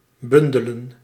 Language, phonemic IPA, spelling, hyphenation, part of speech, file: Dutch, /ˈbʏndələ(n)/, bundelen, bun‧de‧len, verb, Nl-bundelen.ogg
- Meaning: 1. to bundle, to put together 2. to unite, to gather together